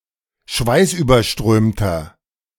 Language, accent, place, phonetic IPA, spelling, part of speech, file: German, Germany, Berlin, [ˈʃvaɪ̯sʔyːbɐˌʃtʁøːmtɐ], schweißüberströmter, adjective, De-schweißüberströmter.ogg
- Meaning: 1. comparative degree of schweißüberströmt 2. inflection of schweißüberströmt: strong/mixed nominative masculine singular 3. inflection of schweißüberströmt: strong genitive/dative feminine singular